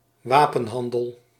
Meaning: arms trade
- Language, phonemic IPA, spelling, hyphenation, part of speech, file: Dutch, /ˈʋaː.pə(n)ˌɦɑn.dəl/, wapenhandel, wa‧pen‧han‧del, noun, Nl-wapenhandel.ogg